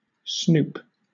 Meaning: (verb) 1. To be devious and cunning so as not to be seen 2. To secretly spy on or investigate, especially into the private personal life of others 3. To steal; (noun) The act of snooping
- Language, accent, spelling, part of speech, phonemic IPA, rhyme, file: English, Southern England, snoop, verb / noun, /snuːp/, -uːp, LL-Q1860 (eng)-snoop.wav